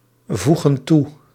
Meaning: inflection of toevoegen: 1. plural present indicative 2. plural present subjunctive
- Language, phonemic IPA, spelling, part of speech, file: Dutch, /ˈvuɣə(n) ˈtu/, voegen toe, verb, Nl-voegen toe.ogg